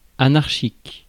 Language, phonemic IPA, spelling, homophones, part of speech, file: French, /a.naʁ.ʃik/, anarchique, anarchiques, adjective, Fr-anarchique.ogg
- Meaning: anarchic